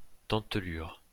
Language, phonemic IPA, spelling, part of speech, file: French, /dɑ̃t.lyʁ/, dentelure, noun, LL-Q150 (fra)-dentelure.wav
- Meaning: 1. serration (of leaf); perforation (of stamp) 2. jagged outline (of mountain etc.) 3. serration